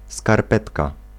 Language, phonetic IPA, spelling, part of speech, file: Polish, [skarˈpɛtka], skarpetka, noun, Pl-skarpetka.ogg